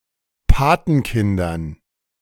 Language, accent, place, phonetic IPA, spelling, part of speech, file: German, Germany, Berlin, [ˈpaːtn̩ˌkɪndɐn], Patenkindern, noun, De-Patenkindern.ogg
- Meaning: dative plural of Patenkind